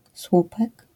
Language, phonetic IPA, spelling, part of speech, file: Polish, [ˈswupɛk], słupek, noun, LL-Q809 (pol)-słupek.wav